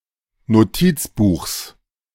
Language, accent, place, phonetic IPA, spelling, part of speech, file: German, Germany, Berlin, [noˈtiːt͡sˌbuːxs], Notizbuchs, noun, De-Notizbuchs.ogg
- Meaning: genitive of Notizbuch